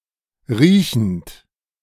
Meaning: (verb) present participle of riechen; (adjective) smelly, odorous, osmic
- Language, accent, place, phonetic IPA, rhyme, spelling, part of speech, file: German, Germany, Berlin, [ˈʁiːçn̩t], -iːçn̩t, riechend, verb, De-riechend.ogg